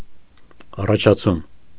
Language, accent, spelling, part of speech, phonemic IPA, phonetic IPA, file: Armenian, Eastern Armenian, առաջացում, noun, /ɑrɑt͡ʃʰɑˈt͡sʰum/, [ɑrɑt͡ʃʰɑt͡sʰúm], Hy-առաջացում.ogg
- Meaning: 1. emergence, genesis 2. advancement